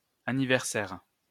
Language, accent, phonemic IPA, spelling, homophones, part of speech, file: French, France, /a.ni.vɛʁ.sɛʁ/, anniversaire, anniversaires, noun, LL-Q150 (fra)-anniversaire.wav
- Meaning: 1. birthday 2. anniversary